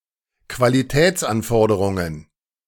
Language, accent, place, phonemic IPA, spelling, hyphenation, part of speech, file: German, Germany, Berlin, /kvaliˈtɛːtsanˌfɔʁdəʁʊŋən/, Qualitätsanforderungen, Qua‧li‧täts‧an‧for‧de‧run‧gen, noun, De-Qualitätsanforderungen.ogg
- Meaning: plural of Qualitätsanforderung